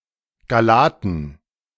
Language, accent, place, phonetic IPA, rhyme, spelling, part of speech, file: German, Germany, Berlin, [ɡaˈlaːtn̩], -aːtn̩, Gallaten, noun, De-Gallaten.ogg
- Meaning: dative plural of Gallat